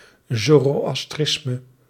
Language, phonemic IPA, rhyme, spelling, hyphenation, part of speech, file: Dutch, /ˌzoː.roː.ɑsˈtrɪs.mə/, -ɪsmə, zoroastrisme, zo‧ro‧as‧tris‧me, noun, Nl-zoroastrisme.ogg
- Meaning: Zoroastrianism